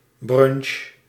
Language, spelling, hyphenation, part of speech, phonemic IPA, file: Dutch, brunch, brunch, noun / verb, /ˈbrʏnʃ/, Nl-brunch.ogg
- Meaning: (noun) a brunch; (verb) inflection of brunchen: 1. first-person singular present indicative 2. second-person singular present indicative 3. imperative